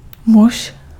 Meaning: 1. man (an adult male human) 2. husband
- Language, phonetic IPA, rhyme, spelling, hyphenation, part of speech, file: Czech, [ˈmuʃ], -uʃ, muž, muž, noun, Cs-muž.ogg